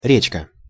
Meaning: small river
- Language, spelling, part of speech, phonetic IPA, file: Russian, речка, noun, [ˈrʲet͡ɕkə], Ru-речка.ogg